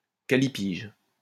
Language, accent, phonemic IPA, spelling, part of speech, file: French, France, /ka.li.piʒ/, callipyge, adjective, LL-Q150 (fra)-callipyge.wav
- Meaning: callipygian (having beautifully shaped buttocks)